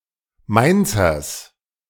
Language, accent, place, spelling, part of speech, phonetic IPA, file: German, Germany, Berlin, Mainzers, noun, [ˈmaɪ̯nt͡sɐs], De-Mainzers.ogg
- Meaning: genitive singular of Mainzer